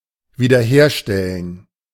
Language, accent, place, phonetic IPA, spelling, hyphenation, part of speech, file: German, Germany, Berlin, [viːdɐˈheːɐ̯ˌʃtɛlən], wiederherstellen, wie‧der‧her‧stel‧len, verb, De-wiederherstellen.ogg
- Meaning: 1. to restore 2. to recreate